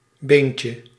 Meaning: diminutive of been
- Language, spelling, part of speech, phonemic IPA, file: Dutch, beentje, noun, /ˈbeɲcə/, Nl-beentje.ogg